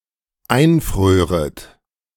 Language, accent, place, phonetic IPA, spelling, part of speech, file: German, Germany, Berlin, [ˈaɪ̯nˌfʁøːʁət], einfröret, verb, De-einfröret.ogg
- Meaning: second-person plural dependent subjunctive II of einfrieren